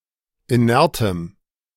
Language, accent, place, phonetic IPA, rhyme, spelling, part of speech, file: German, Germany, Berlin, [iˈnɛʁtəm], -ɛʁtəm, inertem, adjective, De-inertem.ogg
- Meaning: strong dative masculine/neuter singular of inert